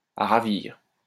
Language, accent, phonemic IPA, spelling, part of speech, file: French, France, /a ʁa.viʁ/, à ravir, adverb, LL-Q150 (fra)-à ravir.wav
- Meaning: beautifully, to a tee (perfectly)